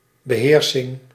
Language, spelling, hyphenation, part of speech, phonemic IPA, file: Dutch, beheersing, be‧heer‧sing, noun, /bəˈɦeːr.sɪŋ/, Nl-beheersing.ogg
- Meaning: 1. control 2. knowledge, command, proficiency, mastery